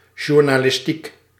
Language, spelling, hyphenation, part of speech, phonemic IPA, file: Dutch, journalistiek, jour‧na‧lis‧tiek, adjective / noun, /ʒuːrnaːlɪsˈtik/, Nl-journalistiek.ogg
- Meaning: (adjective) journalistic; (noun) journalism